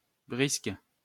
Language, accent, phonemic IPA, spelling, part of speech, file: French, France, /bʁisk/, brisque, noun, LL-Q150 (fra)-brisque.wav
- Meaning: 1. a specific card game 2. in the French army, a chevron (symbol) worn on the sleeve as a sign of experience